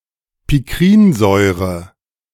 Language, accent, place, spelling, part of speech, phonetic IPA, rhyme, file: German, Germany, Berlin, Pikrinsäure, noun, [pɪˈkʁiːnˌzɔɪ̯ʁə], -iːnzɔɪ̯ʁə, De-Pikrinsäure.ogg
- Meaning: picric acid